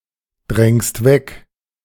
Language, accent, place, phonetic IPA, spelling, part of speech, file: German, Germany, Berlin, [ˌdʁɛŋst ˈvɛk], drängst weg, verb, De-drängst weg.ogg
- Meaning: second-person singular present of wegdrängen